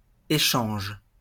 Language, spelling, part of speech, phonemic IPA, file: French, échange, noun / verb, /e.ʃɑ̃ʒ/, LL-Q150 (fra)-échange.wav
- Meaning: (noun) exchange; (verb) inflection of échanger: 1. first/third-person singular present indicative/subjunctive 2. second-person singular imperative